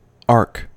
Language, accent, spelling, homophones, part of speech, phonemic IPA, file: English, US, arc, ark, noun / verb, /ɑɹk/, En-us-arc.ogg
- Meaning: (noun) That part of a circle which a heavenly body appears to pass through as it moves above and below the horizon